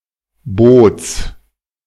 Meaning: genitive singular of Boot
- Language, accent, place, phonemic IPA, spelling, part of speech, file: German, Germany, Berlin, /boːts/, Boots, noun, De-Boots.ogg